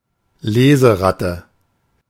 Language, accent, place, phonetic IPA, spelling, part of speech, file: German, Germany, Berlin, [ˈleːzəˌʁatə], Leseratte, noun, De-Leseratte.ogg
- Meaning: bookworm (avid reader)